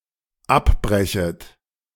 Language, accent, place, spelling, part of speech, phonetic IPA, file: German, Germany, Berlin, abbrechet, verb, [ˈapˌbʁɛçət], De-abbrechet.ogg
- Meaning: second-person plural dependent subjunctive I of abbrechen